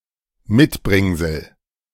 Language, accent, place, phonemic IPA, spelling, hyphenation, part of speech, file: German, Germany, Berlin, /ˈmɪtbʁɪŋzəl/, Mitbringsel, Mit‧bring‧sel, noun, De-Mitbringsel.ogg
- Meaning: a small present brought by a guest or someone returning from a journey